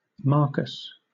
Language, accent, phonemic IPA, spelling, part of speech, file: English, Southern England, /ˈmɑːkəs/, Marcus, proper noun, LL-Q1860 (eng)-Marcus.wav
- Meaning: A male given name from Latin